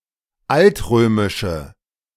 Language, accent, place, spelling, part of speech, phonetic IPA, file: German, Germany, Berlin, altrömische, adjective, [ˈaltˌʁøːmɪʃə], De-altrömische.ogg
- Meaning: inflection of altrömisch: 1. strong/mixed nominative/accusative feminine singular 2. strong nominative/accusative plural 3. weak nominative all-gender singular